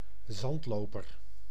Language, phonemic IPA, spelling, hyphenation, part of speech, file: Dutch, /ˈzɑntˌloː.pər/, zandloper, zand‧lo‧per, noun, Nl-zandloper.ogg
- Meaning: 1. hourglass, egg timer 2. synonym of strandplevier 3. synonym of strandleeuwerik 4. a tiger beetle of the subfamily Cicindelinae, in particular one of the genus Cicindela 5. a protective ship part